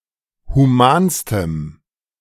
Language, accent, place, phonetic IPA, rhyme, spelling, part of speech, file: German, Germany, Berlin, [huˈmaːnstəm], -aːnstəm, humanstem, adjective, De-humanstem.ogg
- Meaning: strong dative masculine/neuter singular superlative degree of human